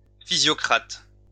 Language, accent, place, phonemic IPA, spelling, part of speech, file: French, France, Lyon, /fi.zjɔ.kʁat/, physiocrate, noun, LL-Q150 (fra)-physiocrate.wav
- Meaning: physiocrat